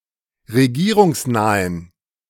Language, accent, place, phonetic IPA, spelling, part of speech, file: German, Germany, Berlin, [ʁeˈɡiːʁʊŋsˌnaːən], regierungsnahen, adjective, De-regierungsnahen.ogg
- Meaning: inflection of regierungsnah: 1. strong genitive masculine/neuter singular 2. weak/mixed genitive/dative all-gender singular 3. strong/weak/mixed accusative masculine singular 4. strong dative plural